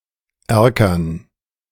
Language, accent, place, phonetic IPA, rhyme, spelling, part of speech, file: German, Germany, Berlin, [ˈɛʁkɐn], -ɛʁkɐn, Erkern, noun, De-Erkern.ogg
- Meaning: dative plural of Erker